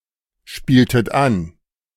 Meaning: inflection of anspielen: 1. second-person plural preterite 2. second-person plural subjunctive II
- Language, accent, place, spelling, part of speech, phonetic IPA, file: German, Germany, Berlin, spieltet an, verb, [ˌʃpiːltət ˈan], De-spieltet an.ogg